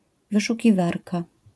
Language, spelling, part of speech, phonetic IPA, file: Polish, wyszukiwarka, noun, [ˌvɨʃuciˈvarka], LL-Q809 (pol)-wyszukiwarka.wav